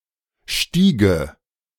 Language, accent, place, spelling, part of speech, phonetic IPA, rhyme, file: German, Germany, Berlin, stiege, verb, [ˈʃtiːɡə], -iːɡə, De-stiege.ogg
- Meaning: first/third-person singular subjunctive II of steigen